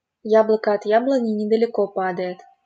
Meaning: the apple doesn't fall far from the tree (an apple falls close to the apple tree)
- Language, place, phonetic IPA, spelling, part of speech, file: Russian, Saint Petersburg, [ˈjabɫəkə ɐt‿ˈjabɫənʲɪ nʲɪdəlʲɪˈko ˈpadə(j)ɪt], яблоко от яблони недалеко падает, proverb, LL-Q7737 (rus)-яблоко от яблони недалеко падает.wav